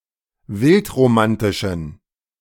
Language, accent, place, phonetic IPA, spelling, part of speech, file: German, Germany, Berlin, [ˈvɪltʁoˌmantɪʃn̩], wildromantischen, adjective, De-wildromantischen.ogg
- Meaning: inflection of wildromantisch: 1. strong genitive masculine/neuter singular 2. weak/mixed genitive/dative all-gender singular 3. strong/weak/mixed accusative masculine singular 4. strong dative plural